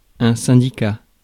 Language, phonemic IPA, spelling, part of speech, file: French, /sɛ̃.di.ka/, syndicat, noun, Fr-syndicat.ogg
- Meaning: 1. syndicship 2. parish administration under a syndic 3. maritime district (of the Inscription maritime) 4. association; syndicate: joint-management association: intercommunal syndicate